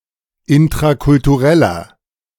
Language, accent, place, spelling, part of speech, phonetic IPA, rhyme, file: German, Germany, Berlin, intrakultureller, adjective, [ɪntʁakʊltuˈʁɛlɐ], -ɛlɐ, De-intrakultureller.ogg
- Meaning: inflection of intrakulturell: 1. strong/mixed nominative masculine singular 2. strong genitive/dative feminine singular 3. strong genitive plural